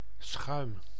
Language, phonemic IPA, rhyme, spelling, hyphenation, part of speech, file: Dutch, /sxœy̯m/, -œy̯m, schuim, schuim, noun, Nl-schuim.ogg
- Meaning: 1. foam, froth 2. a type of spongy sweets, made of albumen and sugar (as a countable object always diminutive) 3. scum, rabble, crooks 4. impurity, flaw, especially in (molten) metal